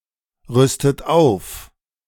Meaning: inflection of aufrüsten: 1. third-person singular present 2. second-person plural present 3. second-person plural subjunctive I 4. plural imperative
- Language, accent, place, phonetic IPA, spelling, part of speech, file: German, Germany, Berlin, [ˌʁʏstət ˈaʊ̯f], rüstet auf, verb, De-rüstet auf.ogg